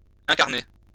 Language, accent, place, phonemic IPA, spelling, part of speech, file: French, France, Lyon, /ɛ̃.kaʁ.ne/, incarner, verb, LL-Q150 (fra)-incarner.wav
- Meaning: 1. to incarnate 2. to embody, to personify 3. to play (act as a certain character) 4. to ingrow (become ingrown) (of a toenail or fingernail)